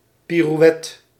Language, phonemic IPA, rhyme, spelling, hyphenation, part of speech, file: Dutch, /ˌpi.ruˈɛ.tə/, -ɛtə, pirouette, pi‧rou‧et‧te, noun, Nl-pirouette.ogg
- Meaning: pirouette